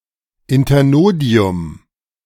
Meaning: internode (a section of the stem between two nodes)
- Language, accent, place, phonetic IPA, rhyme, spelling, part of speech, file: German, Germany, Berlin, [ɪntɐˈnoːdi̯ʊm], -oːdi̯ʊm, Internodium, noun, De-Internodium.ogg